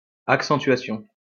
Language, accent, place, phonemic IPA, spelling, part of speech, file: French, France, Lyon, /ak.sɑ̃.tɥa.sjɔ̃/, accentuation, noun, LL-Q150 (fra)-accentuation.wav
- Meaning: stressing, accenting